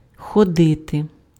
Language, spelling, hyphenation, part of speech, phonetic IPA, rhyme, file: Ukrainian, ходити, хо‧ди‧ти, verb, [xɔˈdɪte], -ɪte, Uk-ходити.ogg
- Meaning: 1. to go 2. to walk